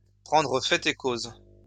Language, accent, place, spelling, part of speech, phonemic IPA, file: French, France, Lyon, prendre fait et cause, verb, /pʁɑ̃.dʁə fɛ.t‿e koz/, LL-Q150 (fra)-prendre fait et cause.wav
- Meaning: to take sides